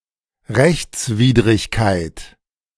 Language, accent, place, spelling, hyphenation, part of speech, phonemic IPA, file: German, Germany, Berlin, Rechtswidrigkeit, Rechts‧wid‧rig‧keit, noun, /ˈʁɛçt͡sˌviːdʁɪçkaɪ̯t/, De-Rechtswidrigkeit.ogg
- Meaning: unlawfulness